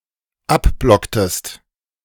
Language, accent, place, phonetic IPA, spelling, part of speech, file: German, Germany, Berlin, [ˈapˌblɔktəst], abblocktest, verb, De-abblocktest.ogg
- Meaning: inflection of abblocken: 1. second-person singular dependent preterite 2. second-person singular dependent subjunctive II